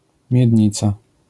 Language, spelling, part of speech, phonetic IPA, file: Polish, miednica, noun, [mʲjɛdʲˈɲit͡sa], LL-Q809 (pol)-miednica.wav